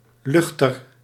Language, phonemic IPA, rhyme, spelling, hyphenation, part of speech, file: Dutch, /ˈlʏx.tər/, -ʏxtər, luchter, luch‧ter, noun, Nl-luchter.ogg
- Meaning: chandelier